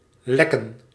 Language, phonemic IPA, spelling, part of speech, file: Dutch, /ˈlɛ.kə(n)/, lekken, verb, Nl-lekken.ogg
- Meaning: 1. to leak, be leaky 2. to leak, illicitly release information 3. Southern form of likken